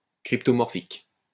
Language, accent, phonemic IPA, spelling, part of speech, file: French, France, /kʁip.tɔ.mɔʁ.fik/, cryptomorphique, adjective, LL-Q150 (fra)-cryptomorphique.wav
- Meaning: cryptomorphic